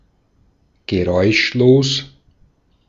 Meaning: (adjective) silent; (adverb) silently, without a sound
- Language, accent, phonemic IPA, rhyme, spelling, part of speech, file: German, Austria, /ɡəˈʁɔɪ̯ʃloːs/, -oːs, geräuschlos, adjective / adverb, De-at-geräuschlos.ogg